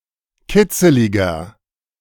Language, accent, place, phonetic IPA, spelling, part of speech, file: German, Germany, Berlin, [ˈkɪt͡səlɪɡɐ], kitzeliger, adjective, De-kitzeliger.ogg
- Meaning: 1. comparative degree of kitzelig 2. inflection of kitzelig: strong/mixed nominative masculine singular 3. inflection of kitzelig: strong genitive/dative feminine singular